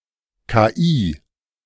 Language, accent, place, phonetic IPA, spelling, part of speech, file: German, Germany, Berlin, [kaˈʔiː], KI, abbreviation, De-KI.ogg
- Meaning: initialism of künstliche Intelligenz (“AI”)